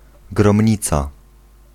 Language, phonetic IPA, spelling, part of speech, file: Polish, [ɡrɔ̃mʲˈɲit͡sa], gromnica, noun, Pl-gromnica.ogg